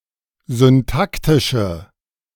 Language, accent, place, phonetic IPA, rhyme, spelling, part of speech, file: German, Germany, Berlin, [zʏnˈtaktɪʃə], -aktɪʃə, syntaktische, adjective, De-syntaktische.ogg
- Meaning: inflection of syntaktisch: 1. strong/mixed nominative/accusative feminine singular 2. strong nominative/accusative plural 3. weak nominative all-gender singular